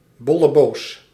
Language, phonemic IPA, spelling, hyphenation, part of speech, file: Dutch, /ˈbɔ.ləˌboːs/, bolleboos, bol‧le‧boos, noun, Nl-bolleboos.ogg
- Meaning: smart or clever person